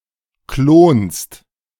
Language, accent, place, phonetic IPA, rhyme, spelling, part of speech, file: German, Germany, Berlin, [kloːnst], -oːnst, klonst, verb, De-klonst.ogg
- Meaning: second-person singular present of klonen